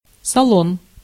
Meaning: 1. salon (fashionable shop or customer service), hairdressing salon 2. show, exhibition 3. art gallery 4. lounge, waiting room 5. cabin, passenger compartment 6. salon 7. saloon
- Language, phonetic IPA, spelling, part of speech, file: Russian, [sɐˈɫon], салон, noun, Ru-салон.ogg